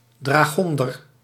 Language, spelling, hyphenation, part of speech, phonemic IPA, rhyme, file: Dutch, dragonder, dra‧gon‧der, noun, /ˌdraːˈɣɔn.dər/, -ɔndər, Nl-dragonder.ogg
- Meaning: 1. dragoon 2. unfeminine woman